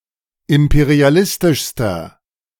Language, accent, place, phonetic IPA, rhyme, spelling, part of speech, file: German, Germany, Berlin, [ˌɪmpeʁiaˈlɪstɪʃstɐ], -ɪstɪʃstɐ, imperialistischster, adjective, De-imperialistischster.ogg
- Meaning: inflection of imperialistisch: 1. strong/mixed nominative masculine singular superlative degree 2. strong genitive/dative feminine singular superlative degree